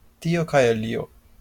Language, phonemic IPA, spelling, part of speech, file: Esperanto, /ˈtio kaj aˈlio/, tio kaj alio, phrase, LL-Q143 (epo)-tio kaj alio.wav
- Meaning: this and that; one thing and another; such and such